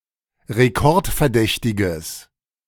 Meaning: strong/mixed nominative/accusative neuter singular of rekordverdächtig
- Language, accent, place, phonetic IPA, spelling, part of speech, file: German, Germany, Berlin, [ʁeˈkɔʁtfɛɐ̯ˌdɛçtɪɡəs], rekordverdächtiges, adjective, De-rekordverdächtiges.ogg